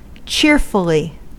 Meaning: In a cheerful manner
- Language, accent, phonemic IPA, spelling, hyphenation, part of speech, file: English, US, /ˈt͡ʃɪɹfəli/, cheerfully, cheer‧ful‧ly, adverb, En-us-cheerfully.ogg